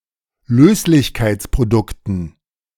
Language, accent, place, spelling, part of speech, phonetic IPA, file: German, Germany, Berlin, Löslichkeitsprodukten, noun, [ˈløːslɪçkaɪ̯t͡spʁoˌdʊktn̩], De-Löslichkeitsprodukten.ogg
- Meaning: dative plural of Löslichkeitsprodukt